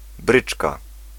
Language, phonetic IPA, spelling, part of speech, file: Polish, [ˈbrɨt͡ʃka], bryczka, noun, Pl-bryczka.ogg